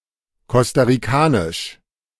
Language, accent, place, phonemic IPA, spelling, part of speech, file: German, Germany, Berlin, /ˌkɔstaʁiˈkaːnɪʃ/, costa-ricanisch, adjective, De-costa-ricanisch.ogg
- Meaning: of Costa Rica; Costa Rican